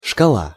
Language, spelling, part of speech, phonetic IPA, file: Russian, шкала, noun, [ʂkɐˈɫa], Ru-шкала.ogg
- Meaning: scale (a graph or instrument depicting a sequence of numbers used to measure quantity or quality)